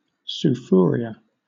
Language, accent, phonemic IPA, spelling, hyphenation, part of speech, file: English, Southern England, /sʊ.fʊˈrɪ.ə/, sufuria, su‧fu‧ria, noun, LL-Q1860 (eng)-sufuria.wav
- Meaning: A deep metal cooking pot with a flat base and no handles